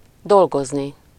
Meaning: infinitive of dolgozik
- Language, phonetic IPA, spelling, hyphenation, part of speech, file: Hungarian, [ˈdolɡozni], dolgozni, dol‧goz‧ni, verb, Hu-dolgozni.ogg